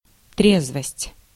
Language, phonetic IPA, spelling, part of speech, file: Russian, [ˈtrʲezvəsʲtʲ], трезвость, noun, Ru-трезвость.ogg
- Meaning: 1. soberness 2. temperance 3. sobriety